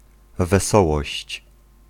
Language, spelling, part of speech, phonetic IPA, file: Polish, wesołość, noun, [vɛˈsɔwɔɕt͡ɕ], Pl-wesołość.ogg